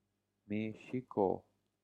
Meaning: Mexico (a country in North America)
- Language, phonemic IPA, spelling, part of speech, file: Pashto, /meˈʃiˈko/, مېشيکو, proper noun, Ps-مېشيکو.oga